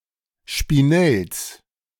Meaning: genitive singular of Spinell
- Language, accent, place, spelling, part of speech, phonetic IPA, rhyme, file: German, Germany, Berlin, Spinells, noun, [ʃpiˈnɛls], -ɛls, De-Spinells.ogg